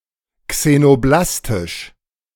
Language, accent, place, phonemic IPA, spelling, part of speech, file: German, Germany, Berlin, /ksenoˈblastɪʃ/, xenoblastisch, adjective, De-xenoblastisch.ogg
- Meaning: xenoblastic